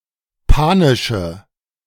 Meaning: inflection of panisch: 1. strong/mixed nominative/accusative feminine singular 2. strong nominative/accusative plural 3. weak nominative all-gender singular 4. weak accusative feminine/neuter singular
- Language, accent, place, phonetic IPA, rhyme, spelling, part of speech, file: German, Germany, Berlin, [ˈpaːnɪʃə], -aːnɪʃə, panische, adjective, De-panische.ogg